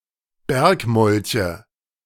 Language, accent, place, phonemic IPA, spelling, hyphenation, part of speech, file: German, Germany, Berlin, /ˈbɛʁkˌmɔlçə/, Bergmolche, Berg‧mol‧che, noun, De-Bergmolche.ogg
- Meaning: nominative/accusative/genitive plural of Bergmolch